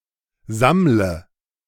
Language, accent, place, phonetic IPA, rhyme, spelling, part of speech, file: German, Germany, Berlin, [ˈzamlə], -amlə, sammle, verb, De-sammle.ogg
- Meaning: inflection of sammeln: 1. first-person singular present 2. singular imperative 3. first/third-person singular subjunctive I